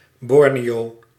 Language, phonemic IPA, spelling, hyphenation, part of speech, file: Dutch, /ˈbɔr.neːˌjoː/, Borneo, Bor‧neo, proper noun, Nl-Borneo.ogg
- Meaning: 1. Borneo, a Pacific island shared by Indonesia, Malaysia and Brunei 2. a hamlet in Land van Cuijk, North Brabant, Netherlands